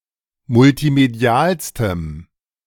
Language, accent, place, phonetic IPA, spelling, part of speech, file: German, Germany, Berlin, [mʊltiˈmedi̯aːlstəm], multimedialstem, adjective, De-multimedialstem.ogg
- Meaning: strong dative masculine/neuter singular superlative degree of multimedial